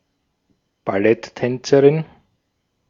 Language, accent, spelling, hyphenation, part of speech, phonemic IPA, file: German, Austria, Balletttänzerin, Bal‧lett‧tän‧ze‧rin, noun, /baˈlɛtˌtɛnt͡səʁɪn/, De-at-Balletttänzerin.ogg
- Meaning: female ballet dancer